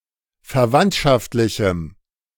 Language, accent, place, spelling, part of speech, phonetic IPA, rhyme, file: German, Germany, Berlin, verwandtschaftlichem, adjective, [fɛɐ̯ˈvantʃaftlɪçm̩], -antʃaftlɪçm̩, De-verwandtschaftlichem.ogg
- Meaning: strong dative masculine/neuter singular of verwandtschaftlich